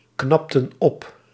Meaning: inflection of opknappen: 1. plural past indicative 2. plural past subjunctive
- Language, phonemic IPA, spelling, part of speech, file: Dutch, /ˈknɑptə(n) ˈɔp/, knapten op, verb, Nl-knapten op.ogg